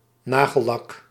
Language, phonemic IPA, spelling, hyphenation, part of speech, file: Dutch, /ˈnaː.ɣəˌlɑk/, nagellak, na‧gel‧lak, noun, Nl-nagellak.ogg
- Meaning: nail polish